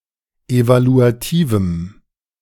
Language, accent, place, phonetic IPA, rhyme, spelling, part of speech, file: German, Germany, Berlin, [ˌevaluaˈtiːvm̩], -iːvm̩, evaluativem, adjective, De-evaluativem.ogg
- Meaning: strong dative masculine/neuter singular of evaluativ